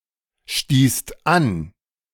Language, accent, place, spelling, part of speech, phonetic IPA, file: German, Germany, Berlin, stießt an, verb, [ˌʃtiːst ˈan], De-stießt an.ogg
- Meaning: second-person singular/plural preterite of anstoßen